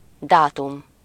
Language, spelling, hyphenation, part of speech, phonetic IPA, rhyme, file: Hungarian, dátum, dá‧tum, noun, [ˈdaːtum], -um, Hu-dátum.ogg
- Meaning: date (point of time at which a transaction or event takes place)